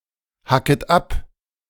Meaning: second-person plural subjunctive I of abhacken
- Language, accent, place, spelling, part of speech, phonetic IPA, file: German, Germany, Berlin, hacket ab, verb, [ˌhakət ˈap], De-hacket ab.ogg